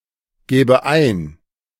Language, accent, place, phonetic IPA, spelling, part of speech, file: German, Germany, Berlin, [ˌɡɛːbə ˈaɪ̯n], gäbe ein, verb, De-gäbe ein.ogg
- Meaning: first/third-person singular subjunctive II of eingeben